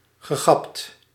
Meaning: past participle of gappen
- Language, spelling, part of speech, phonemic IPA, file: Dutch, gegapt, verb, /ɣəˈɣɑpt/, Nl-gegapt.ogg